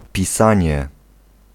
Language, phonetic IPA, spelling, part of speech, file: Polish, [pʲiˈsãɲɛ], pisanie, noun, Pl-pisanie.ogg